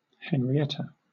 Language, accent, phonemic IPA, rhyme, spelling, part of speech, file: English, Southern England, /ˌhɛn.ɹiˈɛtə/, -ɛtə, Henrietta, proper noun, LL-Q1860 (eng)-Henrietta.wav
- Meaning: 1. A female given name from the Germanic languages 2. A number of places in the United States: A township in Jackson County, Michigan